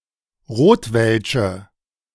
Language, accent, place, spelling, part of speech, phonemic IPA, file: German, Germany, Berlin, Rotwelsche, noun, /ˈʁoːtvɛlʃə/, De-Rotwelsche.ogg
- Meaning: weak nominative/accusative singular of Rotwelsch